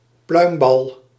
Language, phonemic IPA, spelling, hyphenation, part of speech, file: Dutch, /ˈplœy̯m.bɑl/, pluimbal, pluim‧bal, noun, Nl-pluimbal.ogg
- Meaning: a shuttlecock